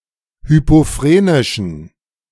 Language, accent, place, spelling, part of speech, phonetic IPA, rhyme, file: German, Germany, Berlin, hypophrenischen, adjective, [ˌhypoˈfʁeːnɪʃn̩], -eːnɪʃn̩, De-hypophrenischen.ogg
- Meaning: inflection of hypophrenisch: 1. strong genitive masculine/neuter singular 2. weak/mixed genitive/dative all-gender singular 3. strong/weak/mixed accusative masculine singular 4. strong dative plural